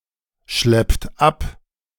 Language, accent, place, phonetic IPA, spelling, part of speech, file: German, Germany, Berlin, [ˌʃlɛpt ˈap], schleppt ab, verb, De-schleppt ab.ogg
- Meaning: inflection of abschleppen: 1. third-person singular present 2. second-person plural present 3. plural imperative